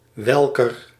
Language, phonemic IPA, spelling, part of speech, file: Dutch, /ˈwɛlkər/, welker, pronoun, Nl-welker.ogg
- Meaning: 1. whose, of whom 2. to which, to whom